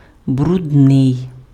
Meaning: dirty
- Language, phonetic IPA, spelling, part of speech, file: Ukrainian, [brʊdˈnɪi̯], брудний, adjective, Uk-брудний.ogg